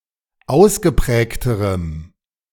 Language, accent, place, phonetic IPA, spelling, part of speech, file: German, Germany, Berlin, [ˈaʊ̯sɡəˌpʁɛːktəʁəm], ausgeprägterem, adjective, De-ausgeprägterem.ogg
- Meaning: strong dative masculine/neuter singular comparative degree of ausgeprägt